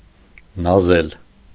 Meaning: 1. to step gracefully 2. to coquet
- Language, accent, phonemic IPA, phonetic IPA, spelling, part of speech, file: Armenian, Eastern Armenian, /nɑˈzel/, [nɑzél], նազել, verb, Hy-նազել.ogg